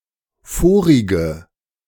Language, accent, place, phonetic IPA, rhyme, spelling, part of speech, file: German, Germany, Berlin, [ˈfoːʁɪɡə], -oːʁɪɡə, vorige, adjective, De-vorige.ogg
- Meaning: inflection of vorig: 1. strong/mixed nominative/accusative feminine singular 2. strong nominative/accusative plural 3. weak nominative all-gender singular 4. weak accusative feminine/neuter singular